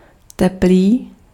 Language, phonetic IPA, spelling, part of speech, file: Czech, [ˈtɛpliː], teplý, adjective, Cs-teplý.ogg
- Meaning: 1. warm 2. homosexual